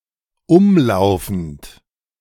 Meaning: present participle of umlaufen
- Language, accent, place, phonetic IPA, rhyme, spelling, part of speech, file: German, Germany, Berlin, [ˈʊmˌlaʊ̯fn̩t], -ʊmlaʊ̯fn̩t, umlaufend, verb, De-umlaufend.ogg